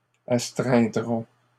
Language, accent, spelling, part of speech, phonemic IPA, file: French, Canada, astreindrons, verb, /as.tʁɛ̃.dʁɔ̃/, LL-Q150 (fra)-astreindrons.wav
- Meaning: first-person plural simple future of astreindre